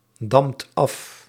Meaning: inflection of afdammen: 1. second/third-person singular present indicative 2. plural imperative
- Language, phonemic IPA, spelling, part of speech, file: Dutch, /ˈdɑmt ˈɑf/, damt af, verb, Nl-damt af.ogg